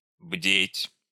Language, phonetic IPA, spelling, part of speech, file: Russian, [bdʲetʲ], бдеть, verb, Ru-бдеть.ogg
- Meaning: 1. to be awake, not sleep 2. to keep watch, to keep vigil